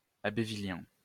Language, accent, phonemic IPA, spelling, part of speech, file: French, France, /ab.vi.ljɛ̃/, abbevillien, adjective, LL-Q150 (fra)-abbevillien.wav
- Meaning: Abbevillian